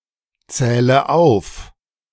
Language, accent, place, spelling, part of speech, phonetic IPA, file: German, Germany, Berlin, zähle auf, verb, [ˌt͡sɛːlə ˈaʊ̯f], De-zähle auf.ogg
- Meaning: inflection of aufzählen: 1. first-person singular present 2. first/third-person singular subjunctive I 3. singular imperative